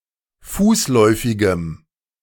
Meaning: strong dative masculine/neuter singular of fußläufig
- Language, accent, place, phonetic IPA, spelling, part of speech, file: German, Germany, Berlin, [ˈfuːsˌlɔɪ̯fɪɡəm], fußläufigem, adjective, De-fußläufigem.ogg